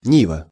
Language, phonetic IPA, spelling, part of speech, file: Russian, [ˈnʲivə], нива, noun, Ru-нива.ogg
- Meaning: 1. cornfield 2. field